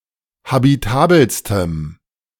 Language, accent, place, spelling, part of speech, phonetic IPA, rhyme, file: German, Germany, Berlin, habitabelstem, adjective, [habiˈtaːbl̩stəm], -aːbl̩stəm, De-habitabelstem.ogg
- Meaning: strong dative masculine/neuter singular superlative degree of habitabel